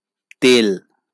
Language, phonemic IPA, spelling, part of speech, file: Bengali, /t̪el/, তেল, noun, LL-Q9610 (ben)-তেল.wav
- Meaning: 1. oil 2. any lubricant